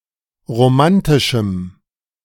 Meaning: strong dative masculine/neuter singular of romantisch
- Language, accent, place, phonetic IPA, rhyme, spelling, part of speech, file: German, Germany, Berlin, [ʁoˈmantɪʃm̩], -antɪʃm̩, romantischem, adjective, De-romantischem.ogg